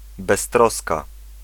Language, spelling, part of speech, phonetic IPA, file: Polish, beztroska, noun / adjective, [bɛsˈtrɔska], Pl-beztroska.ogg